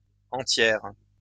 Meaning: feminine singular of entier
- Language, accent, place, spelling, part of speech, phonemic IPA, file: French, France, Lyon, entière, adjective, /ɑ̃.tjɛʁ/, LL-Q150 (fra)-entière.wav